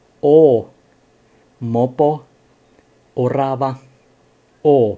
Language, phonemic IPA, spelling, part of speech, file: Finnish, /o/, o, character / verb, Fi-o.ogg
- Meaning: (character) The fifteenth letter of the Finnish alphabet, called oo and written in the Latin script; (verb) third-person singular indicative present of olla